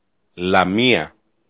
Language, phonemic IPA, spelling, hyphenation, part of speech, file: Greek, /laˈmia/, Λαμία, Λα‧μί‧α, proper noun, El-Λαμία.ogg
- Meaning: Lamia (a city in Greece)